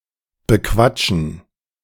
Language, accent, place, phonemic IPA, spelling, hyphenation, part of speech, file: German, Germany, Berlin, /bəˈkvat͡ʃn̩/, bequatschen, be‧quat‧schen, verb, De-bequatschen.ogg
- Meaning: 1. to talk about, discuss 2. to talk into, coax